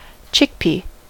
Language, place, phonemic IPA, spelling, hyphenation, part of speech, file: English, California, /ˈt͡ʃɪkˌpi/, chickpea, chick‧pea, noun, En-us-chickpea.ogg
- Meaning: 1. An annual plant (Cicer arietinum) in the pea family, widely cultivated for the edible seeds in its short inflated pods 2. A seed of this plant, often used as a food